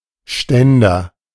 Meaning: 1. stand (a device to hold something upright or aloft) 2. bicycle stand, bike rack (a device to which bicycles may be securely attached while not in use)
- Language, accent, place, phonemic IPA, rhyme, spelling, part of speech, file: German, Germany, Berlin, /ˈʃtɛndɐ/, -ɛndɐ, Ständer, noun, De-Ständer.ogg